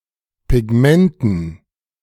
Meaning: dative plural of Pigment
- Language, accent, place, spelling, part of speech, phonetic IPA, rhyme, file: German, Germany, Berlin, Pigmenten, noun, [pɪˈɡmɛntn̩], -ɛntn̩, De-Pigmenten.ogg